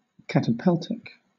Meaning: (adjective) Pertaining to a catapult or catapults; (noun) A catapult
- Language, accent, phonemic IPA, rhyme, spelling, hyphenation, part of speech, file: English, Southern England, /ˌkætəˈpɛltɪk/, -ɛltɪk, catapeltic, ca‧ta‧pelt‧ic, adjective / noun, LL-Q1860 (eng)-catapeltic.wav